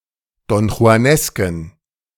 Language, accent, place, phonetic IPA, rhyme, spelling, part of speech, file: German, Germany, Berlin, [dɔnxu̯aˈnɛskn̩], -ɛskn̩, donjuanesken, adjective, De-donjuanesken.ogg
- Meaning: inflection of donjuanesk: 1. strong genitive masculine/neuter singular 2. weak/mixed genitive/dative all-gender singular 3. strong/weak/mixed accusative masculine singular 4. strong dative plural